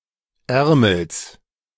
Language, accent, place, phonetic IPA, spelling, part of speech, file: German, Germany, Berlin, [ˈɛʁml̩s], Ärmels, noun, De-Ärmels.ogg
- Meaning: genitive of Ärmel